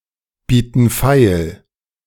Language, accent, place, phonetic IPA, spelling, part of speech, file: German, Germany, Berlin, [ˌbiːtn̩ ˈfaɪ̯l], bieten feil, verb, De-bieten feil.ogg
- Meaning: inflection of feilbieten: 1. first/third-person plural present 2. first/third-person plural subjunctive I